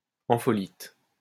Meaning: ampholyte
- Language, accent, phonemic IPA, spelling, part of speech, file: French, France, /ɑ̃.fɔ.lit/, ampholyte, noun, LL-Q150 (fra)-ampholyte.wav